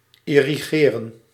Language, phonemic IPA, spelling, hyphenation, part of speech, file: Dutch, /ˌɪ.riˈɣeː.rə(n)/, irrigeren, ir‧ri‧ge‧ren, verb, Nl-irrigeren.ogg
- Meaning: to irrigate